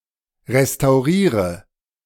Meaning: inflection of restaurieren: 1. first-person singular present 2. singular imperative 3. first/third-person singular subjunctive I
- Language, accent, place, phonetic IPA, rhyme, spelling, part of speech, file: German, Germany, Berlin, [ʁestaʊ̯ˈʁiːʁə], -iːʁə, restauriere, verb, De-restauriere.ogg